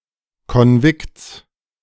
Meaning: genitive singular of Konvikt
- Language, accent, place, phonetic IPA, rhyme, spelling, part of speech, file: German, Germany, Berlin, [kɔnˈvɪkt͡s], -ɪkt͡s, Konvikts, noun, De-Konvikts.ogg